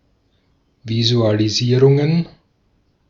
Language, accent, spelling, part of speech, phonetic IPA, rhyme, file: German, Austria, Visualisierungen, noun, [ˌvizualiˈziːʁʊŋən], -iːʁʊŋən, De-at-Visualisierungen.ogg
- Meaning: plural of Visualisierung